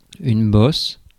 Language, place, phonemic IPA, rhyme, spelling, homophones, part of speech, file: French, Paris, /bɔs/, -ɔs, bosse, bosses, noun / verb, Fr-bosse.ogg
- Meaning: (noun) 1. bump (small elevated level) 2. hump (of e.g. a camel or zebu) 3. dent (in e.g. a car panel) 4. mogul; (verb) inflection of bosser: first/third-person singular present indicative/subjunctive